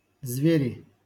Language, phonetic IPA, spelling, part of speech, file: Russian, [ˈzvʲerʲɪ], звери, noun, LL-Q7737 (rus)-звери.wav
- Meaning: nominative plural of зверь (zverʹ)